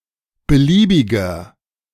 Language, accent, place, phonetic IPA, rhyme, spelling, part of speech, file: German, Germany, Berlin, [bəˈliːbɪɡɐ], -iːbɪɡɐ, beliebiger, adjective, De-beliebiger.ogg
- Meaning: inflection of beliebig: 1. strong/mixed nominative masculine singular 2. strong genitive/dative feminine singular 3. strong genitive plural